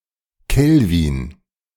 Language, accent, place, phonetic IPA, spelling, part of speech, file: German, Germany, Berlin, [ˈkɛlvɪn], Kelvin, noun, De-Kelvin.ogg
- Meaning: kelvin (unit)